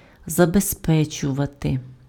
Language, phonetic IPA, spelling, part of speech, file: Ukrainian, [zɐbezˈpɛt͡ʃʊʋɐte], забезпечувати, verb, Uk-забезпечувати.ogg
- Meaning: 1. to secure, to ensure, to guarantee (to make sure and secure) 2. to provide, to supply